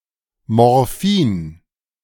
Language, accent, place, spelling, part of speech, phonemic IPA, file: German, Germany, Berlin, Morphin, noun, /ˌmɔʁˈfiːn/, De-Morphin.ogg
- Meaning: morphine